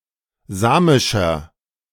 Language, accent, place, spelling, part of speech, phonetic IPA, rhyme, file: German, Germany, Berlin, samischer, adjective, [ˈzaːmɪʃɐ], -aːmɪʃɐ, De-samischer.ogg
- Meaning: 1. comparative degree of samisch 2. inflection of samisch: strong/mixed nominative masculine singular 3. inflection of samisch: strong genitive/dative feminine singular